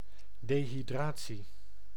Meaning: dehydration
- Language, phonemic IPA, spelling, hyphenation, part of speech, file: Dutch, /ˌdeː.ɦiˈdraː.(t)si/, dehydratie, de‧hy‧dra‧tie, noun, Nl-dehydratie.ogg